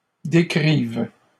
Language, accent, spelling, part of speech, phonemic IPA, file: French, Canada, décrivent, verb, /de.kʁiv/, LL-Q150 (fra)-décrivent.wav
- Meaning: third-person plural present indicative/subjunctive of décrire